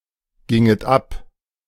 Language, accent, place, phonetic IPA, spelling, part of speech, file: German, Germany, Berlin, [ˌɡɪŋət ˈap], ginget ab, verb, De-ginget ab.ogg
- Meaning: second-person plural subjunctive II of abgehen